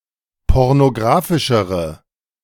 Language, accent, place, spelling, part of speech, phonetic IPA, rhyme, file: German, Germany, Berlin, pornographischere, adjective, [ˌpɔʁnoˈɡʁaːfɪʃəʁə], -aːfɪʃəʁə, De-pornographischere.ogg
- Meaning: inflection of pornographisch: 1. strong/mixed nominative/accusative feminine singular comparative degree 2. strong nominative/accusative plural comparative degree